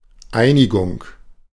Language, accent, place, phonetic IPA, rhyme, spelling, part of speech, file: German, Germany, Berlin, [ˈaɪ̯nɪɡʊŋ], -aɪ̯nɪɡʊŋ, Einigung, noun, De-Einigung.ogg
- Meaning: 1. unification 2. agreement